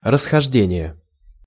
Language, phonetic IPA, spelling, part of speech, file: Russian, [rəsxɐʐˈdʲenʲɪje], расхождение, noun, Ru-расхождение.ogg
- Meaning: 1. divergence 2. discrepancy